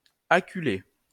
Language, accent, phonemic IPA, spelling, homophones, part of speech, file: French, France, /a.ky.le/, acculer, acculai / acculé / acculée / acculées / acculés / acculez, verb, LL-Q150 (fra)-acculer.wav
- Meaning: to corner someone, to prevent retreat or escape